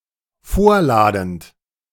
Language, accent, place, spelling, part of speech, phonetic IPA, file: German, Germany, Berlin, vorladend, verb, [ˈfoːɐ̯ˌlaːdn̩t], De-vorladend.ogg
- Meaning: present participle of vorladen